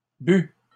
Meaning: past participle of boire
- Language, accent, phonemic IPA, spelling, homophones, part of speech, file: French, Canada, /by/, bu, bue / bues / bus / but / bût, verb, LL-Q150 (fra)-bu.wav